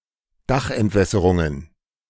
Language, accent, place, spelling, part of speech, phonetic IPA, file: German, Germany, Berlin, Dachentwässerungen, noun, [ˈdaxʔɛntˌvɛsəʁʊŋən], De-Dachentwässerungen.ogg
- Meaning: plural of Dachentwässerung